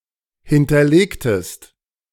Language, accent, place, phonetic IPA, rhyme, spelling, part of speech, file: German, Germany, Berlin, [ˌhɪntɐˈleːktəst], -eːktəst, hinterlegtest, verb, De-hinterlegtest.ogg
- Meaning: inflection of hinterlegen: 1. second-person singular preterite 2. second-person singular subjunctive II